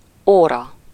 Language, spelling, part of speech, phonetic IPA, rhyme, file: Hungarian, óra, noun, [ˈoːrɒ], -rɒ, Hu-óra.ogg
- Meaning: 1. clock, watch 2. hour (unit of time) 3. o'clock 4. lesson, class (45-minute block of teaching a school subject) 5. meter (a device that measures things)